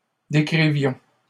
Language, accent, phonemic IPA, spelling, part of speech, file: French, Canada, /de.kʁi.vjɔ̃/, décrivions, verb, LL-Q150 (fra)-décrivions.wav
- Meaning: inflection of décrire: 1. first-person plural imperfect indicative 2. first-person plural present subjunctive